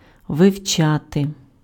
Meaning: 1. to study 2. to learn
- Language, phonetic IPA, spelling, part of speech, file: Ukrainian, [ʋeu̯ˈt͡ʃate], вивчати, verb, Uk-вивчати.ogg